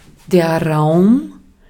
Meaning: 1. space 2. capacity, volume, room 3. room, chamber 4. place, area, field, room, space 5. place, area, field, room, space: room, hold (of a vessel or vehicle) 6. scope, opportunity, field
- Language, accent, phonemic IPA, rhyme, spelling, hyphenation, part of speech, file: German, Austria, /ʁaʊ̯m/, -aʊ̯m, Raum, Raum, noun, De-at-Raum.ogg